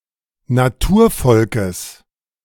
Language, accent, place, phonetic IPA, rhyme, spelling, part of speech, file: German, Germany, Berlin, [naˈtuːɐ̯ˌfɔlkəs], -uːɐ̯fɔlkəs, Naturvolkes, noun, De-Naturvolkes.ogg
- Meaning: genitive singular of Naturvolk